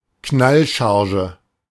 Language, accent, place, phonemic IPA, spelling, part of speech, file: German, Germany, Berlin, /ˈknalˌʃaʁʒə/, Knallcharge, noun, De-Knallcharge.ogg
- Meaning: 1. buffoon, ham (exaggerated comical role) 2. fool